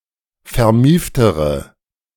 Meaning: inflection of vermieft: 1. strong/mixed nominative/accusative feminine singular comparative degree 2. strong nominative/accusative plural comparative degree
- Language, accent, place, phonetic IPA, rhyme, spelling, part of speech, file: German, Germany, Berlin, [fɛɐ̯ˈmiːftəʁə], -iːftəʁə, vermieftere, adjective, De-vermieftere.ogg